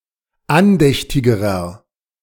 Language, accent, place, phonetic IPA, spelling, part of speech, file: German, Germany, Berlin, [ˈanˌdɛçtɪɡəʁɐ], andächtigerer, adjective, De-andächtigerer.ogg
- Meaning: inflection of andächtig: 1. strong/mixed nominative masculine singular comparative degree 2. strong genitive/dative feminine singular comparative degree 3. strong genitive plural comparative degree